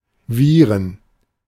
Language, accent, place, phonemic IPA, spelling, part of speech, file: German, Germany, Berlin, /viːrən/, Viren, noun, De-Viren.ogg
- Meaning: plural of Virus